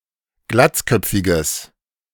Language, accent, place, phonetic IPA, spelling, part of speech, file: German, Germany, Berlin, [ˈɡlat͡sˌkœp͡fɪɡəs], glatzköpfiges, adjective, De-glatzköpfiges.ogg
- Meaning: strong/mixed nominative/accusative neuter singular of glatzköpfig